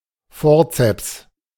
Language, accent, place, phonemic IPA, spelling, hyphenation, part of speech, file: German, Germany, Berlin, /ˈfɔʁft͡sɛps/, Forzeps, For‧zeps, noun, De-Forzeps.ogg
- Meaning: forceps (used in the delivery of babies)